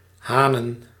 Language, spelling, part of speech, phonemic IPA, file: Dutch, hanen, noun, /ˈhanə(n)/, Nl-hanen.ogg
- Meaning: plural of haan